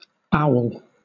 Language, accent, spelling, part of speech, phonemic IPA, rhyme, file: English, Southern England, aul, noun, /aʊl/, -aʊl, LL-Q1860 (eng)-aul.wav
- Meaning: A village encampment in the Caucasus, Central Asia or the Southern Urals